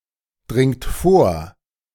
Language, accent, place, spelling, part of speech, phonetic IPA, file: German, Germany, Berlin, dringt vor, verb, [ˌdʁɪŋt ˈfoːɐ̯], De-dringt vor.ogg
- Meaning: second-person plural present of vordringen